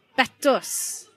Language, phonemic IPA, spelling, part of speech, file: Welsh, /ˈbɛtʊs/, betws, noun, Betws.ogg
- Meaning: chapel